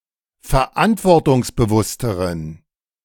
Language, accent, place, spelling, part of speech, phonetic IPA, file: German, Germany, Berlin, verantwortungsbewussteren, adjective, [fɛɐ̯ˈʔantvɔʁtʊŋsbəˌvʊstəʁən], De-verantwortungsbewussteren.ogg
- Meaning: inflection of verantwortungsbewusst: 1. strong genitive masculine/neuter singular comparative degree 2. weak/mixed genitive/dative all-gender singular comparative degree